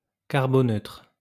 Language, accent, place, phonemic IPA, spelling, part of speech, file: French, France, Lyon, /kaʁ.bo.nøtʁ/, carboneutre, adjective, LL-Q150 (fra)-carboneutre.wav
- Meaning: carbon neutral